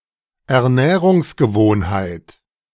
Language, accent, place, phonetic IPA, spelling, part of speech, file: German, Germany, Berlin, [ɛɐ̯ˈnɛːʁʊŋsɡəˌvoːnhaɪ̯t], Ernährungsgewohnheit, noun, De-Ernährungsgewohnheit.ogg
- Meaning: eating habit(s)